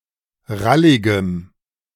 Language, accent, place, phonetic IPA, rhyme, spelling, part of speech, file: German, Germany, Berlin, [ˈʁalɪɡəm], -alɪɡəm, ralligem, adjective, De-ralligem.ogg
- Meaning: strong dative masculine/neuter singular of rallig